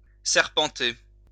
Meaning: to snake, wind (move in a winding path)
- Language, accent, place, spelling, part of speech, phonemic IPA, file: French, France, Lyon, serpenter, verb, /sɛʁ.pɑ̃.te/, LL-Q150 (fra)-serpenter.wav